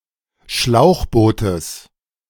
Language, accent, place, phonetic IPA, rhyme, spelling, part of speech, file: German, Germany, Berlin, [ˈʃlaʊ̯xˌboːtəs], -aʊ̯xboːtəs, Schlauchbootes, noun, De-Schlauchbootes.ogg
- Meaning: genitive singular of Schlauchboot